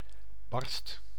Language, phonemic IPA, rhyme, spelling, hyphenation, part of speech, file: Dutch, /bɑrst/, -ɑrst, barst, barst, noun / interjection / verb / adjective, Nl-barst.ogg
- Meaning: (noun) 1. a crack, rip, tear 2. a little, a tiny amount; notably in: geen barst ("not a bit") 3. an outburst, eruption; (interjection) drat! damnit!